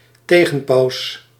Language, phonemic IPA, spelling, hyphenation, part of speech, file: Dutch, /ˈteː.ɣən.pɑu̯s/, tegenpaus, te‧gen‧paus, noun, Nl-tegenpaus.ogg
- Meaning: antipope